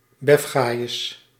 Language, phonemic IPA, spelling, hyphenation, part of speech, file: Dutch, /ˈbɛfɣaːjəs/, befgajes, bef‧ga‧jes, noun, Nl-befgajes.ogg
- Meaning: the legal profession, judges and lawyers